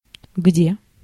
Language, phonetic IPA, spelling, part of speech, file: Russian, [ɡdʲe], где, adverb / conjunction, Ru-где.ogg
- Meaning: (adverb) 1. where 2. now (sometimes; occasionally)